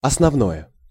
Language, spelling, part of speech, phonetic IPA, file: Russian, основное, noun / adjective, [ɐsnɐvˈnojə], Ru-основное.ogg
- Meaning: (noun) 1. core, essential, fundamental 2. the main part; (adjective) neuter nominative/accusative singular of основно́й (osnovnój)